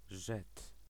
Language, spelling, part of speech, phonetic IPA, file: Polish, żet, noun, [ʒɛt], Pl-żet.ogg